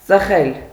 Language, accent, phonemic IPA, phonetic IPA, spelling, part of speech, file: Armenian, Eastern Armenian, /t͡səˈχel/, [t͡səχél], ծխել, verb, Hy-ծխել.ogg
- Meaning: to smoke